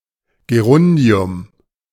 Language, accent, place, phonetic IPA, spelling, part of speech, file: German, Germany, Berlin, [ɡeˈʁʊndi̯ʊm], Gerundium, noun, De-Gerundium.ogg
- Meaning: gerund